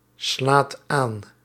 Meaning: inflection of aanslaan: 1. second/third-person singular present indicative 2. plural imperative
- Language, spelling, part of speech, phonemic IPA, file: Dutch, slaat aan, verb, /ˈslat ˈan/, Nl-slaat aan.ogg